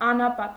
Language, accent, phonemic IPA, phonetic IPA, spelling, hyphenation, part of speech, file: Armenian, Eastern Armenian, /ɑnɑˈpɑt/, [ɑnɑpɑ́t], անապատ, ա‧նա‧պատ, noun / adjective, Hy-անապատ.ogg
- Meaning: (noun) 1. desert 2. hermitage; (adjective) desert, uninhabited